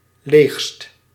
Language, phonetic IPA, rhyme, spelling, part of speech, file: Dutch, [leːxst], -eːxst, leegst, adjective, Nl-leegst.ogg
- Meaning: superlative degree of leeg